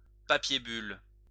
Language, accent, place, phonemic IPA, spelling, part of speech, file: French, France, Lyon, /pa.pje byl/, papier bulle, noun, LL-Q150 (fra)-papier bulle.wav
- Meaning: 1. bubble wrap 2. manila paper